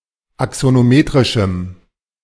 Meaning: strong dative masculine/neuter singular of axonometrisch
- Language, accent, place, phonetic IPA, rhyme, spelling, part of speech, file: German, Germany, Berlin, [aksonoˈmeːtʁɪʃm̩], -eːtʁɪʃm̩, axonometrischem, adjective, De-axonometrischem.ogg